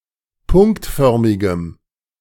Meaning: strong dative masculine/neuter singular of punktförmig
- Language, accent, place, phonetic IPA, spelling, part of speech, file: German, Germany, Berlin, [ˈpʊŋktˌfœʁmɪɡəm], punktförmigem, adjective, De-punktförmigem.ogg